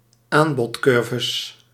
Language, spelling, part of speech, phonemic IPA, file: Dutch, aanbodcurves, noun, /ˈambɔtˌkʏrvəs/, Nl-aanbodcurves.ogg
- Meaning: plural of aanbodcurve